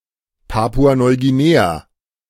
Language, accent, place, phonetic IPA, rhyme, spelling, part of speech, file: German, Germany, Berlin, [ˌpaːpuanɔɪ̯ɡiˈneːa], -eːa, Papua-Neuguinea, proper noun, De-Papua-Neuguinea.ogg
- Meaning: Papua New Guinea (a country in Oceania)